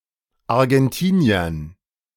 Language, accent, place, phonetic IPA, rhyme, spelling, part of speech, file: German, Germany, Berlin, [aʁɡɛnˈtiːni̯ɐn], -iːni̯ɐn, Argentiniern, noun, De-Argentiniern.ogg
- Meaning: dative plural of Argentinier